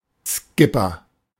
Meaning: the captain of a yacht
- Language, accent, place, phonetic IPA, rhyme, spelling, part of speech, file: German, Germany, Berlin, [ˈskɪpɐ], -ɪpɐ, Skipper, noun, De-Skipper.ogg